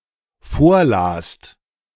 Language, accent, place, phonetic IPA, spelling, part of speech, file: German, Germany, Berlin, [ˈfoːɐ̯ˌlaːst], vorlast, verb, De-vorlast.ogg
- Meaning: second-person singular/plural dependent preterite of vorlesen